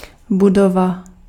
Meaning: building
- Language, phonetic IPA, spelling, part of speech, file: Czech, [ˈbudova], budova, noun, Cs-budova.ogg